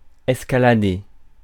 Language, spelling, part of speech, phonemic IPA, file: French, escalader, verb, /ɛs.ka.la.de/, Fr-escalader.ogg
- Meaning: 1. to escalade (attack (e.g. a castle) by using ladders etc. to climb to the top) 2. to climb, to go rock climbing